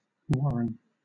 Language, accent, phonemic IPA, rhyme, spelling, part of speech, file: English, Southern England, /ˈwɒɹən/, -ɒɹən, warren, noun, LL-Q1860 (eng)-warren.wav
- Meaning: A system of burrows in which rabbits or other animals live